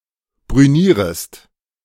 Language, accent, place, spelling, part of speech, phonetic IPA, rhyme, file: German, Germany, Berlin, brünierest, verb, [bʁyˈniːʁəst], -iːʁəst, De-brünierest.ogg
- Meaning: second-person singular subjunctive I of brünieren